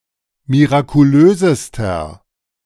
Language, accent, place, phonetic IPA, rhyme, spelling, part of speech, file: German, Germany, Berlin, [miʁakuˈløːzəstɐ], -øːzəstɐ, mirakulösester, adjective, De-mirakulösester.ogg
- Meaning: inflection of mirakulös: 1. strong/mixed nominative masculine singular superlative degree 2. strong genitive/dative feminine singular superlative degree 3. strong genitive plural superlative degree